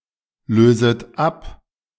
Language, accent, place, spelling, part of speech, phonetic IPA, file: German, Germany, Berlin, löset ab, verb, [ˌløːzət ˈap], De-löset ab.ogg
- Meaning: second-person plural subjunctive I of ablösen